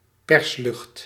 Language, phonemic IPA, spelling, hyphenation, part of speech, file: Dutch, /ˈpɛrs.lʏxt/, perslucht, pers‧lucht, noun, Nl-perslucht.ogg
- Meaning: compressed air